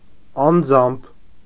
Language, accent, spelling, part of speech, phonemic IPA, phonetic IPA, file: Armenian, Eastern Armenian, անձամբ, adverb, /ɑnˈd͡zɑmpʰ/, [ɑnd͡zɑ́mpʰ], Hy-անձամբ.ogg
- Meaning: personally